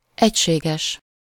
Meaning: uniform
- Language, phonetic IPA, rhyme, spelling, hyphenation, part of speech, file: Hungarian, [ˈɛcʃeːɡɛʃ], -ɛʃ, egységes, egy‧sé‧ges, adjective, Hu-egységes.ogg